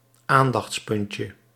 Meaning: diminutive of aandachtspunt
- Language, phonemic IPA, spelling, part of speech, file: Dutch, /ˈandɑx(t)sˌpʏncə/, aandachtspuntje, noun, Nl-aandachtspuntje.ogg